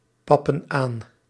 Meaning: inflection of aanpappen: 1. plural present indicative 2. plural present subjunctive
- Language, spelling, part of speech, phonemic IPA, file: Dutch, pappen aan, verb, /ˈpɑpə(n) ˈan/, Nl-pappen aan.ogg